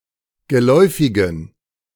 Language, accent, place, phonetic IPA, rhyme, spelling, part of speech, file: German, Germany, Berlin, [ɡəˈlɔɪ̯fɪɡn̩], -ɔɪ̯fɪɡn̩, geläufigen, adjective, De-geläufigen.ogg
- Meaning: inflection of geläufig: 1. strong genitive masculine/neuter singular 2. weak/mixed genitive/dative all-gender singular 3. strong/weak/mixed accusative masculine singular 4. strong dative plural